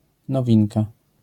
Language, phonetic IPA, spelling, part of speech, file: Polish, [nɔˈvʲĩnka], nowinka, noun, LL-Q809 (pol)-nowinka.wav